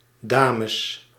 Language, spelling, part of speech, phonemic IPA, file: Dutch, dames, noun, /ˈdaːməs/, Nl-dames.ogg
- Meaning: plural of dame